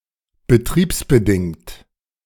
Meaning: operational (related to the operation of a machine, a business, etc.)
- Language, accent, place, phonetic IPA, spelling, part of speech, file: German, Germany, Berlin, [bəˈtʁiːpsbəˌdɪŋt], betriebsbedingt, adjective, De-betriebsbedingt.ogg